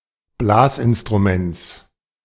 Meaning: genitive singular of Blasinstrument
- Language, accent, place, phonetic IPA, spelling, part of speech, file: German, Germany, Berlin, [ˈblaːsʔɪnstʁuˌmɛnt͡s], Blasinstruments, noun, De-Blasinstruments.ogg